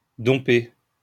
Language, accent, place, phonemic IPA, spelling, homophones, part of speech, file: French, France, Lyon, /dɔ̃.pe/, domper, dompai / dompé / dompée / dompées / dompés / dompez, verb, LL-Q150 (fra)-domper.wav
- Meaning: to dump (end a relationship)